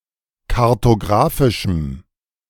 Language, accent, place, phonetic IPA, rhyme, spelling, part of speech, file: German, Germany, Berlin, [kaʁtoˈɡʁaːfɪʃm̩], -aːfɪʃm̩, kartografischem, adjective, De-kartografischem.ogg
- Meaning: strong dative masculine/neuter singular of kartografisch